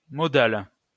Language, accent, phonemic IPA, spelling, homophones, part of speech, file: French, France, /mɔ.dal/, modale, modal / modales, adjective, LL-Q150 (fra)-modale.wav
- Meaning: feminine singular of modal